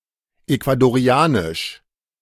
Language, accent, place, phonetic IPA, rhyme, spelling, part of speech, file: German, Germany, Berlin, [ˌeku̯adoˈʁi̯aːnɪʃ], -aːnɪʃ, ecuadorianisch, adjective, De-ecuadorianisch.ogg
- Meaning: of Ecuador; Ecuadorian